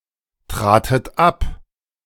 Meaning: second-person plural preterite of abtreten
- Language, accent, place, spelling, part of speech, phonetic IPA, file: German, Germany, Berlin, tratet ab, verb, [ˌtʁaːtət ˈap], De-tratet ab.ogg